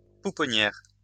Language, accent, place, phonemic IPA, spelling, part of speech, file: French, France, Lyon, /pu.pɔ.njɛʁ/, pouponnière, noun, LL-Q150 (fra)-pouponnière.wav
- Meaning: nursery, creche